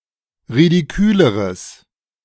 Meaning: strong/mixed nominative/accusative neuter singular comparative degree of ridikül
- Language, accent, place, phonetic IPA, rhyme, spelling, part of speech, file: German, Germany, Berlin, [ʁidiˈkyːləʁəs], -yːləʁəs, ridiküleres, adjective, De-ridiküleres.ogg